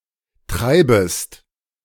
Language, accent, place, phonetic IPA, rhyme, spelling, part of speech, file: German, Germany, Berlin, [ˈtʁaɪ̯bəst], -aɪ̯bəst, treibest, verb, De-treibest.ogg
- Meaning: second-person singular subjunctive I of treiben